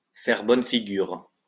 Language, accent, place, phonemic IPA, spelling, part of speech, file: French, France, Lyon, /fɛʁ bɔn fi.ɡyʁ/, faire bonne figure, verb, LL-Q150 (fra)-faire bonne figure.wav
- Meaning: 1. to put on a brave face, to put up a good front 2. to put one's best foot forward, to show oneself in one's best light, to appear in a good light, to look good, to make a good impression